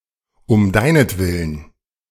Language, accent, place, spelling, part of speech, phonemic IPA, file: German, Germany, Berlin, um deinetwillen, adverb, /ʊm ˈdaɪ̯nətˌvɪlən/, De-um deinetwillen.ogg
- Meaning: for your sake (sg.)